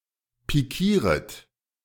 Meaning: second-person plural subjunctive I of pikieren
- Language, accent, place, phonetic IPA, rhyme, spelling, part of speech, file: German, Germany, Berlin, [piˈkiːʁət], -iːʁət, pikieret, verb, De-pikieret.ogg